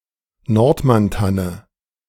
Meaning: Nordmann fir, Caucasian fir (Any tree of the species Abies nordmanniana, a large evergreen coniferous tree naturally occurring at altitudes of 900–2,200 m.)
- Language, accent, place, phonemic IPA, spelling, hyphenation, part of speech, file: German, Germany, Berlin, /ˈnɔʁtmanˌtanə/, Nordmanntanne, Nord‧mann‧tan‧ne, noun, De-Nordmanntanne.ogg